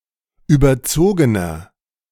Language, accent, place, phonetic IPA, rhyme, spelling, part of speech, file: German, Germany, Berlin, [ˌyːbɐˈt͡soːɡənɐ], -oːɡənɐ, überzogener, adjective, De-überzogener.ogg
- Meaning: inflection of überzogen: 1. strong/mixed nominative masculine singular 2. strong genitive/dative feminine singular 3. strong genitive plural